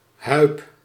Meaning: a male given name
- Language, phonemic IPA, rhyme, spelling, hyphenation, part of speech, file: Dutch, /ɦœy̯p/, -œy̯p, Huib, Huib, proper noun, Nl-Huib.ogg